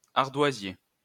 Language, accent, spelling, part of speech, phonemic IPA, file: French, France, ardoisier, adjective, /aʁ.dwa.zje/, LL-Q150 (fra)-ardoisier.wav
- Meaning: slate; slaty